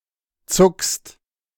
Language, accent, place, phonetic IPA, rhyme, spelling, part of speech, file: German, Germany, Berlin, [t͡sʊkst], -ʊkst, zuckst, verb, De-zuckst.ogg
- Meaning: second-person singular present of zucken